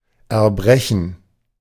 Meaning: 1. to vomit 2. to vomit (something) (out) 3. to break something open
- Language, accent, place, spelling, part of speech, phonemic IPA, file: German, Germany, Berlin, erbrechen, verb, /ɛɐ̯ˈbʁɛçən/, De-erbrechen.ogg